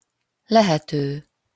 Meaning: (verb) present participle of lehet; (adjective) possible, as …… as possible
- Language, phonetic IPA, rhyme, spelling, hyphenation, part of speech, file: Hungarian, [ˈlɛhɛtøː], -tøː, lehető, le‧he‧tő, verb / adjective, Hu-lehető.opus